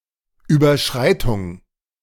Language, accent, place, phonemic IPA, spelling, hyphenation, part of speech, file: German, Germany, Berlin, /ˌyːbɐˈʃʁaɪ̯tʊŋ/, Überschreitung, Über‧schrei‧tung, noun, De-Überschreitung.ogg
- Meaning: 1. crossing 2. transgression, exceedance, overrun, violation, infringement, abuse